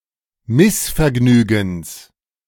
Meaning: genitive singular of Missvergnügen
- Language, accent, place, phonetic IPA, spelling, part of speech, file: German, Germany, Berlin, [ˈmɪsfɛɐ̯ˌɡnyːɡn̩s], Missvergnügens, noun, De-Missvergnügens.ogg